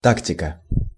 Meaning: tactics
- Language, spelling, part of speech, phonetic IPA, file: Russian, тактика, noun, [ˈtaktʲɪkə], Ru-тактика.ogg